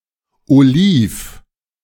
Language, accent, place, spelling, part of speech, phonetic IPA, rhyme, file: German, Germany, Berlin, oliv, adjective, [oˈliːf], -iːf, De-oliv.ogg
- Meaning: olive (green)